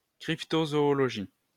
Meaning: cryptozoology
- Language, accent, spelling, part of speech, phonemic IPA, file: French, France, cryptozoologie, noun, /kʁip.to.zɔ.ɔ.lɔ.ʒi/, LL-Q150 (fra)-cryptozoologie.wav